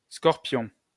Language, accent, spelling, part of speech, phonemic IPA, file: French, France, Scorpion, proper noun, /skɔʁ.pjɔ̃/, LL-Q150 (fra)-Scorpion.wav
- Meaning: 1. the celestial constellation Scorpio 2. the zodiac sign Scorpio